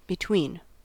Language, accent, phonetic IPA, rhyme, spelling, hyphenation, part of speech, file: English, US, [bɪˈtʰwin], -iːn, between, be‧tween, preposition / noun, En-us-between.ogg
- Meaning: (preposition) 1. In the position or interval that separates (two things), or intermediate in quantity or degree. (See Usage notes below.) 2. Done together or reciprocally 3. Shared in confidence